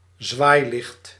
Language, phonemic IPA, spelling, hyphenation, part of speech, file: Dutch, /ˈzʋaːi̯.lɪxt/, zwaailicht, zwaai‧licht, noun, Nl-zwaailicht.ogg
- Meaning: a revolving light used to signal danger, commonly used on emergency vehicles; a rotating emergency light